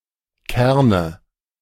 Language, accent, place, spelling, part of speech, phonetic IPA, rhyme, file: German, Germany, Berlin, Kerne, noun, [ˈkɛʁnə], -ɛʁnə, De-Kerne.ogg
- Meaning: nominative/accusative/genitive plural of Kern